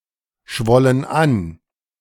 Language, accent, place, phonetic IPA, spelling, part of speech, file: German, Germany, Berlin, [ˌʃvɔlən ˈan], schwollen an, verb, De-schwollen an.ogg
- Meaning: first/third-person plural preterite of anschwellen